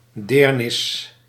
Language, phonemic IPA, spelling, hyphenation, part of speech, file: Dutch, /ˈdeːr.nɪs/, deernis, deer‧nis, noun, Nl-deernis.ogg
- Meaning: pity, compassion